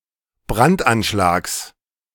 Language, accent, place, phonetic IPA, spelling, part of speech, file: German, Germany, Berlin, [ˈbʁantʔanˌʃlaːks], Brandanschlags, noun, De-Brandanschlags.ogg
- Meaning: genitive of Brandanschlag